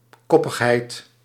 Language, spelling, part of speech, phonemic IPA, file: Dutch, koppigheid, noun, /ˈkɔ.pəxˌɦɛi̯t/, Nl-koppigheid.ogg
- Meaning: stubbornness, obstinacy